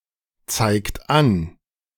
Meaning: inflection of anzeigen: 1. third-person singular present 2. second-person plural present 3. plural imperative
- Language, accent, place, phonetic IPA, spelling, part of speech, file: German, Germany, Berlin, [ˌt͡saɪ̯kt ˈan], zeigt an, verb, De-zeigt an.ogg